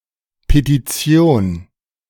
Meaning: petition (formal, written request made to a parliament or an official person)
- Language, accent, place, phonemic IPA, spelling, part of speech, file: German, Germany, Berlin, /petiˈt͡si̯oːn/, Petition, noun, De-Petition.ogg